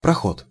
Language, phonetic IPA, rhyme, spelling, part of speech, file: Russian, [prɐˈxot], -ot, проход, noun, Ru-проход.ogg
- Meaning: passage, pass, aisle